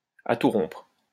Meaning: very strongly
- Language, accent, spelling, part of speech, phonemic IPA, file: French, France, à tout rompre, adverb, /a tu ʁɔ̃pʁ/, LL-Q150 (fra)-à tout rompre.wav